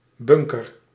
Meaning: 1. bunker (low-lying fortification built into the landscape) 2. bunker (hole with a surface of sand or dirt, placed on a golf course as a barrier) 3. bunker, cargo hold, storage room
- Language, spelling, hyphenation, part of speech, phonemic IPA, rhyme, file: Dutch, bunker, bun‧ker, noun, /ˈbʏŋ.kər/, -ʏŋkər, Nl-bunker.ogg